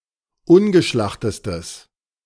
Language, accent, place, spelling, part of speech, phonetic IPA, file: German, Germany, Berlin, ungeschlachtestes, adjective, [ˈʊnɡəˌʃlaxtəstəs], De-ungeschlachtestes.ogg
- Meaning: strong/mixed nominative/accusative neuter singular superlative degree of ungeschlacht